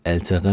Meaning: inflection of alt: 1. strong/mixed nominative/accusative feminine singular comparative degree 2. strong nominative/accusative plural comparative degree
- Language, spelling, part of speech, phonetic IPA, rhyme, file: German, ältere, adjective, [ˈɛltəʁə], -ɛltəʁə, De-ältere.ogg